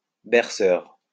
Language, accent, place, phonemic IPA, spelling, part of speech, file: French, France, Lyon, /bɛʁ.sœʁ/, berceur, adjective, LL-Q150 (fra)-berceur.wav
- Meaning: soothing